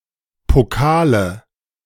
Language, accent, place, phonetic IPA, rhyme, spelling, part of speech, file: German, Germany, Berlin, [poˈkaːlə], -aːlə, Pokale, noun, De-Pokale.ogg
- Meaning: nominative/accusative/genitive plural of Pokal